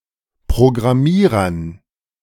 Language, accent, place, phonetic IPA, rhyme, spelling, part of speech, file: German, Germany, Berlin, [pʁoɡʁaˈmiːʁɐn], -iːʁɐn, Programmierern, noun, De-Programmierern.ogg
- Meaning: dative plural of Programmierer